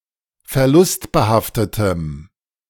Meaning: strong dative masculine/neuter singular of verlustbehaftet
- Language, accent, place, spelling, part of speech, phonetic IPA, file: German, Germany, Berlin, verlustbehaftetem, adjective, [fɛɐ̯ˈlʊstbəˌhaftətəm], De-verlustbehaftetem.ogg